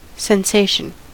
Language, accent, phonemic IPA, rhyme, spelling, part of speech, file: English, US, /sɛnˈseɪʃən/, -eɪʃən, sensation, noun, En-us-sensation.ogg
- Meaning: 1. A physical feeling or perception from something that comes into contact with the body; something sensed 2. Excitation of sensory organs 3. A widespread reaction of interest or excitement